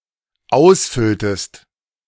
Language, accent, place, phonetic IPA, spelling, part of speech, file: German, Germany, Berlin, [ˈaʊ̯sˌfʏltəst], ausfülltest, verb, De-ausfülltest.ogg
- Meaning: inflection of ausfüllen: 1. second-person singular dependent preterite 2. second-person singular dependent subjunctive II